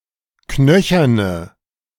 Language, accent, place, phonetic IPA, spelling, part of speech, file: German, Germany, Berlin, [ˈknœçɐnə], knöcherne, adjective, De-knöcherne.ogg
- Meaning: inflection of knöchern: 1. strong/mixed nominative/accusative feminine singular 2. strong nominative/accusative plural 3. weak nominative all-gender singular